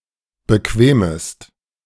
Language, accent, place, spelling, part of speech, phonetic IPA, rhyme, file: German, Germany, Berlin, bequemest, verb, [bəˈkveːməst], -eːməst, De-bequemest.ogg
- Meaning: second-person singular subjunctive I of bequemen